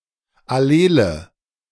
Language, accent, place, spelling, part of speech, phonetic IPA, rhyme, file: German, Germany, Berlin, allele, adjective, [aˈleːlə], -eːlə, De-allele.ogg
- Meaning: inflection of allel: 1. strong/mixed nominative/accusative feminine singular 2. strong nominative/accusative plural 3. weak nominative all-gender singular 4. weak accusative feminine/neuter singular